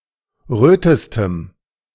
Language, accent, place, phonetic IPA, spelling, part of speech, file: German, Germany, Berlin, [ˈʁøːtəstəm], rötestem, adjective, De-rötestem.ogg
- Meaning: strong dative masculine/neuter singular superlative degree of rot